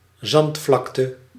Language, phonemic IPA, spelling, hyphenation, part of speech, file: Dutch, /ˈzɑntˌflɑk.tə/, zandvlakte, zand‧vlak‧te, noun, Nl-zandvlakte.ogg
- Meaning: sand plain (terrain type)